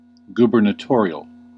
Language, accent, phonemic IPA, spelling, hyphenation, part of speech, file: English, US, /ˌɡ(j)ubə(r)nəˈtɔriəl/, gubernatorial, gu‧ber‧na‧to‧ri‧al, adjective, En-us-gubernatorial.ogg
- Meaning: Of or pertaining to a governor or the office of governor